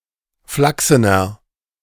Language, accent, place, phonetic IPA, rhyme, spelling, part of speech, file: German, Germany, Berlin, [ˈflaksənɐ], -aksənɐ, flachsener, adjective, De-flachsener.ogg
- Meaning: inflection of flachsen: 1. strong/mixed nominative masculine singular 2. strong genitive/dative feminine singular 3. strong genitive plural